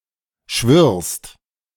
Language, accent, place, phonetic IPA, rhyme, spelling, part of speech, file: German, Germany, Berlin, [ʃvɪʁst], -ɪʁst, schwirrst, verb, De-schwirrst.ogg
- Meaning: second-person singular present of schwirren